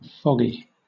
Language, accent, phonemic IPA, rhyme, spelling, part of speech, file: English, Southern England, /ˈfɒɡi/, -ɒɡi, foggy, adjective, LL-Q1860 (eng)-foggy.wav
- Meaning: 1. Obscured by mist or fog; unclear; hazy 2. Confused, befuddled, or vague 3. Being, covered with, or pertaining to fog (“tall grass etc that grows after, or is left after, cutting; moss”)